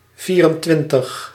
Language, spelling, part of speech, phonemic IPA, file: Dutch, vierentwintig, numeral, /ˈviː.rənˌtʋɪn.təx/, Nl-vierentwintig.ogg
- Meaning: twenty-four